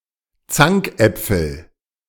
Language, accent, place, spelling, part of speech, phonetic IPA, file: German, Germany, Berlin, Zankäpfel, noun, [ˈt͡saŋkˌʔɛp͡fl̩], De-Zankäpfel.ogg
- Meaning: nominative/accusative/genitive plural of Zankapfel